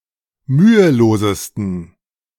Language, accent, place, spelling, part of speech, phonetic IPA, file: German, Germany, Berlin, mühelosesten, adjective, [ˈmyːəˌloːzəstn̩], De-mühelosesten.ogg
- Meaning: 1. superlative degree of mühelos 2. inflection of mühelos: strong genitive masculine/neuter singular superlative degree